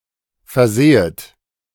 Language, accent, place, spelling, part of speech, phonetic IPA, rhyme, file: German, Germany, Berlin, versehet, verb, [fɛɐ̯ˈzeːət], -eːət, De-versehet.ogg
- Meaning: second-person plural subjunctive I of versehen